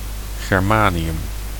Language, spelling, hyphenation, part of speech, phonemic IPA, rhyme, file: Dutch, germanium, ger‧ma‧ni‧um, noun, /ˌɣɛrˈmaː.ni.ʏm/, -aːniʏm, Nl-germanium.ogg
- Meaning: germanium (chemical element)